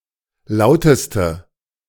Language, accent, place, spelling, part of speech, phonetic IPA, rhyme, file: German, Germany, Berlin, lauteste, adjective, [ˈlaʊ̯təstə], -aʊ̯təstə, De-lauteste.ogg
- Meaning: inflection of laut: 1. strong/mixed nominative/accusative feminine singular superlative degree 2. strong nominative/accusative plural superlative degree